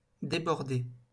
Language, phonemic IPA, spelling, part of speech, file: French, /de.bɔʁ.de/, débordé, adjective / verb, LL-Q150 (fra)-débordé.wav
- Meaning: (adjective) overworked, snowed under; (verb) past participle of déborder